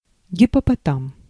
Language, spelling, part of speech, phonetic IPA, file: Russian, гиппопотам, noun, [ɡʲɪpəpɐˈtam], Ru-гиппопотам.ogg
- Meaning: hippopotamus (mammal)